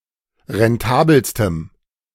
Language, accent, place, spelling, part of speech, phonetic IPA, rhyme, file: German, Germany, Berlin, rentabelstem, adjective, [ʁɛnˈtaːbl̩stəm], -aːbl̩stəm, De-rentabelstem.ogg
- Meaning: strong dative masculine/neuter singular superlative degree of rentabel